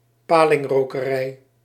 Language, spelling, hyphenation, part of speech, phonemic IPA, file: Dutch, palingrokerij, pa‧ling‧ro‧ke‧rij, noun, /ˈpaː.lɪŋ.roː.kəˌrɛi̯/, Nl-palingrokerij.ogg
- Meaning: eel smokery, eel smokehouse (building or facility where eels are cured by smoking)